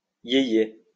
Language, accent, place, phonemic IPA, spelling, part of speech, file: French, France, Lyon, /je.je/, yé-yé, noun, LL-Q150 (fra)-yé-yé.wav
- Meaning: 1. alternative form of yéyé (music) 2. alternative form of yéyé (fan)